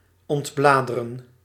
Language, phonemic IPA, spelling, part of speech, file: Dutch, /ɔntˈblaː.də.rə(n)/, ontbladeren, verb, Nl-ontbladeren.ogg
- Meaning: to remove the leaves from a plant, to exfoliate